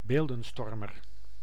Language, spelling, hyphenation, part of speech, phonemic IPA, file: Dutch, beeldenstormer, beel‧den‧stor‧mer, noun, /ˈbeːl.də(n)ˌstɔr.mər/, Nl-beeldenstormer.ogg
- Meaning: 1. iconoclast (one who destroys statues and images) 2. iconoclast (controversial person)